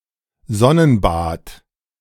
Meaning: sunbath
- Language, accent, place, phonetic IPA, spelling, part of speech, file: German, Germany, Berlin, [ˈzɔnənˌbaːt], Sonnenbad, noun, De-Sonnenbad.ogg